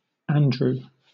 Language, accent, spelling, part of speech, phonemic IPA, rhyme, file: English, Southern England, Andrew, proper noun, /ˈæn.dɹuː/, -ændɹuː, LL-Q1860 (eng)-Andrew.wav
- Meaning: 1. A male given name from Ancient Greek 2. The first Apostle in the New Testament 3. A Scottish and English surname originating as a patronymic